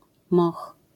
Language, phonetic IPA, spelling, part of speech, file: Polish, [mɔx], moch, noun, LL-Q809 (pol)-moch.wav